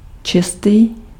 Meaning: 1. clean 2. pure (of a branch of science) 3. neat 4. perfect (describing an interval)
- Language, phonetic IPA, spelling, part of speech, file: Czech, [ˈt͡ʃɪstiː], čistý, adjective, Cs-čistý.ogg